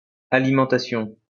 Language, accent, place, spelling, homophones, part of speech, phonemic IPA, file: French, France, Lyon, alimentation, alimentations, noun, /a.li.mɑ̃.ta.sjɔ̃/, LL-Q150 (fra)-alimentation.wav
- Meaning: 1. feeding 2. food 3. power supply